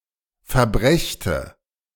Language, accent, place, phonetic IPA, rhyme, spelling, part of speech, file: German, Germany, Berlin, [fɛɐ̯ˈbʁɛçtə], -ɛçtə, verbrächte, verb, De-verbrächte.ogg
- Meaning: first/third-person singular subjunctive II of verbringen